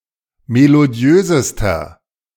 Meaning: inflection of melodiös: 1. strong/mixed nominative masculine singular superlative degree 2. strong genitive/dative feminine singular superlative degree 3. strong genitive plural superlative degree
- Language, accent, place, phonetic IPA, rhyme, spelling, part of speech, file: German, Germany, Berlin, [meloˈdi̯øːzəstɐ], -øːzəstɐ, melodiösester, adjective, De-melodiösester.ogg